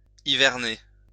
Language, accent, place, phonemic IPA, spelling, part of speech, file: French, France, Lyon, /i.vɛʁ.ne/, hiverner, verb, LL-Q150 (fra)-hiverner.wav
- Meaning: to winter, hibernate (to spend the winter in a certain place, especially for warmth)